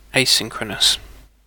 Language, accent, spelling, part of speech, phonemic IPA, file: English, UK, asynchronous, adjective, /eɪˈsɪŋ.kɹə.nəs/, En-uk-asynchronous.ogg
- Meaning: 1. Not synchronous; occurring at different times 2. Allowing the node, program or thread of interest to continue during processing